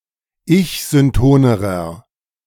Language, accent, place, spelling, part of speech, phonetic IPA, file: German, Germany, Berlin, ich-syntonerer, adjective, [ˈɪçzʏnˌtoːnəʁɐ], De-ich-syntonerer.ogg
- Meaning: inflection of ich-synton: 1. strong/mixed nominative masculine singular comparative degree 2. strong genitive/dative feminine singular comparative degree 3. strong genitive plural comparative degree